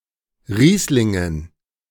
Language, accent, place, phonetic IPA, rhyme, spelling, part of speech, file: German, Germany, Berlin, [ˈʁiːslɪŋən], -iːslɪŋən, Rieslingen, noun, De-Rieslingen.ogg
- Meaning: dative plural of Riesling